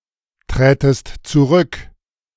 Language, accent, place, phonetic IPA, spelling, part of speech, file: German, Germany, Berlin, [ˌtʁɛːtəst t͡suˈʁʏk], trätest zurück, verb, De-trätest zurück.ogg
- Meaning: second-person singular subjunctive II of zurücktreten